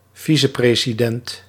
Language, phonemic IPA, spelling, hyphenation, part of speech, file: Dutch, /ˈvi.sə.preː.siˌdɛnt/, vicepresident, vi‧ce‧pre‧si‧dent, noun, Nl-vicepresident.ogg
- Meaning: vice president